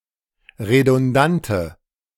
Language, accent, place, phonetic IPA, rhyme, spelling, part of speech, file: German, Germany, Berlin, [ʁedʊnˈdantə], -antə, redundante, adjective, De-redundante.ogg
- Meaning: inflection of redundant: 1. strong/mixed nominative/accusative feminine singular 2. strong nominative/accusative plural 3. weak nominative all-gender singular